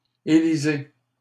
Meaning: inflection of élire: 1. second-person plural present indicative 2. second-person plural imperative
- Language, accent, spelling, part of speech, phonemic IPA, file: French, Canada, élisez, verb, /e.li.ze/, LL-Q150 (fra)-élisez.wav